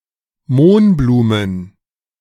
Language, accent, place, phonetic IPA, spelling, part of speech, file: German, Germany, Berlin, [ˈmoːnˌbluːmən], Mohnblumen, noun, De-Mohnblumen.ogg
- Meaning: plural of Mohnblume